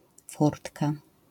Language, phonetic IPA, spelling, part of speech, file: Polish, [ˈfurtka], furtka, noun, LL-Q809 (pol)-furtka.wav